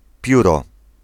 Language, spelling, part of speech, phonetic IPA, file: Polish, pióro, noun, [ˈpʲjurɔ], Pl-pióro.ogg